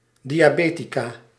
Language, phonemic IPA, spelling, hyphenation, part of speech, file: Dutch, /ˌdi.aːˈbeː.ti.kaː/, diabetica, di‧a‧be‧ti‧ca, noun, Nl-diabetica.ogg
- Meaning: female equivalent of diabeticus